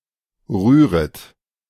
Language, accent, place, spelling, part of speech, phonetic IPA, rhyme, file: German, Germany, Berlin, rühret, verb, [ˈʁyːʁət], -yːʁət, De-rühret.ogg
- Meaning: second-person plural subjunctive I of rühren